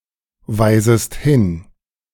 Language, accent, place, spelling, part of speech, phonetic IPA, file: German, Germany, Berlin, weisest hin, verb, [ˌvaɪ̯zəst ˈhɪn], De-weisest hin.ogg
- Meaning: second-person singular subjunctive I of hinweisen